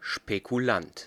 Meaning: speculator (one who makes risky investments)
- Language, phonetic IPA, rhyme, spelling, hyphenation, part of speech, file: German, [ʃpekuˈlant], -ant, Spekulant, Spe‧ku‧lant, noun, De-Spekulant.ogg